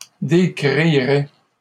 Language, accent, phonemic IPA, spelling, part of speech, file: French, Canada, /de.kʁi.ʁɛ/, décrirait, verb, LL-Q150 (fra)-décrirait.wav
- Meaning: third-person singular conditional of décrire